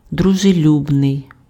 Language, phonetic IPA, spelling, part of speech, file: Ukrainian, [drʊʒeˈlʲubnei̯], дружелюбний, adjective, Uk-дружелюбний.ogg
- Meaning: friendly, amicable, amiable